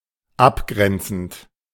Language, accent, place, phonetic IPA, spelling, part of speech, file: German, Germany, Berlin, [ˈapˌɡʁɛnt͡sn̩t], abgrenzend, verb, De-abgrenzend.ogg
- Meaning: present participle of abgrenzen